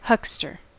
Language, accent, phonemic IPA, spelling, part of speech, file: English, US, /ˈhʌkstɚ/, huckster, noun / verb, En-us-huckster.ogg
- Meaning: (noun) 1. A peddler or hawker, who sells small items, either door-to-door, from a stall, or in the street 2. Somebody who sells things in an aggressive or showy manner